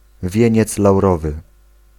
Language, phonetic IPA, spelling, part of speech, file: Polish, [ˈvʲjɛ̇̃ɲɛt͡s lawˈrɔvɨ], wieniec laurowy, noun, Pl-wieniec laurowy.ogg